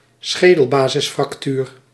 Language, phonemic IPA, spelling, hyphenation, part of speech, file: Dutch, /ˈsxeː.dəl.baː.zɪs.frɑkˌtyːr/, schedelbasisfractuur, sche‧del‧ba‧sis‧frac‧tuur, noun, Nl-schedelbasisfractuur.ogg
- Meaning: basilar skull fracture